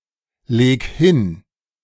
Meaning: 1. singular imperative of hinlegen 2. first-person singular present of hinlegen
- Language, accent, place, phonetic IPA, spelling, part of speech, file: German, Germany, Berlin, [ˌleːk ˈhɪn], leg hin, verb, De-leg hin.ogg